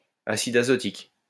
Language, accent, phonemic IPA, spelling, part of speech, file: French, France, /a.sid a.zɔ.tik/, acide azotique, noun, LL-Q150 (fra)-acide azotique.wav
- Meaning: nitric acid